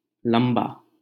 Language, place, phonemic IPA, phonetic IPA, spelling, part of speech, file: Hindi, Delhi, /ləm.bɑː/, [lɐ̃m.bäː], लम्बा, adjective, LL-Q1568 (hin)-लम्बा.wav
- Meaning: alternative spelling of लंबा (lambā)